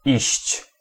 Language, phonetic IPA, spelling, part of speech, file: Polish, [iɕt͡ɕ], iść, verb, Pl-iść.ogg